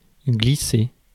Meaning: 1. to slip, to slide, to skid 2. to glide 3. to slide
- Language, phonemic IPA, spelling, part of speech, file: French, /ɡli.se/, glisser, verb, Fr-glisser.ogg